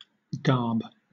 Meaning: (noun) 1. Fashion, style of dressing oneself up 2. A type of dress or clothing 3. A guise, external appearance; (verb) To dress in garb; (noun) A wheatsheaf
- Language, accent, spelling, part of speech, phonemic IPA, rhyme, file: English, Southern England, garb, noun / verb, /ɡɑː(ɹ)b/, -ɑː(ɹ)b, LL-Q1860 (eng)-garb.wav